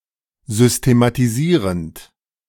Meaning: present participle of systematisieren
- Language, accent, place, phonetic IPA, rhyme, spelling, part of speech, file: German, Germany, Berlin, [ˌzʏstematiˈziːʁənt], -iːʁənt, systematisierend, verb, De-systematisierend.ogg